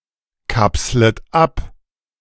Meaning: second-person plural subjunctive I of abkapseln
- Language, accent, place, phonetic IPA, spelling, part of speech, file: German, Germany, Berlin, [ˌkapslət ˈap], kapslet ab, verb, De-kapslet ab.ogg